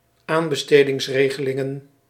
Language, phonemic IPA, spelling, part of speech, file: Dutch, /ˈambəstediŋsˌreɣəliŋə(n)/, aanbestedingsregelingen, noun, Nl-aanbestedingsregelingen.ogg
- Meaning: plural of aanbestedingsregeling